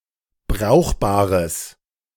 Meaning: strong/mixed nominative/accusative neuter singular of brauchbar
- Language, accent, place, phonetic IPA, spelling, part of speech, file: German, Germany, Berlin, [ˈbʁaʊ̯xbaːʁəs], brauchbares, adjective, De-brauchbares.ogg